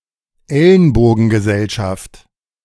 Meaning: dog-eat-dog society (world, jungle), survival-of-the-fittest world, everyone-for-himself society
- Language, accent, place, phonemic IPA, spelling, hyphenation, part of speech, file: German, Germany, Berlin, /ˈɛl(ə)nboːɡ(ə)nɡəˌzɛlʃaft/, Ellenbogengesellschaft, El‧len‧bo‧gen‧ge‧sell‧schaft, noun, De-Ellenbogengesellschaft.ogg